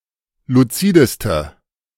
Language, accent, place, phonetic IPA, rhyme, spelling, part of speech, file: German, Germany, Berlin, [luˈt͡siːdəstə], -iːdəstə, luzideste, adjective, De-luzideste.ogg
- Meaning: inflection of luzid: 1. strong/mixed nominative/accusative feminine singular superlative degree 2. strong nominative/accusative plural superlative degree